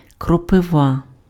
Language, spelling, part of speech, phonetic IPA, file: Ukrainian, кропива, noun, [krɔpeˈʋa], Uk-кропива.ogg
- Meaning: Urtica, nettle